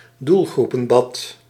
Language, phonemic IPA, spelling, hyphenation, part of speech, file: Dutch, /ˈdul.ɣru.pə(n)ˌbɑt/, doelgroepenbad, doel‧groe‧pen‧bad, noun, Nl-doelgroepenbad.ogg
- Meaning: swimming pool for different target audiences